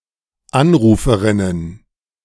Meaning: plural of Anruferin
- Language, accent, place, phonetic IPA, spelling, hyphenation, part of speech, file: German, Germany, Berlin, [ˈanˌʀuːfəʀɪnən], Anruferinnen, An‧ru‧fe‧rin‧nen, noun, De-Anruferinnen.ogg